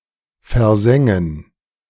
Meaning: to scorch, to singe
- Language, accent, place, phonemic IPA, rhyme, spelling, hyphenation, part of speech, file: German, Germany, Berlin, /fɛɐ̯ˈzɛŋən/, -ɛŋən, versengen, ver‧sen‧gen, verb, De-versengen.ogg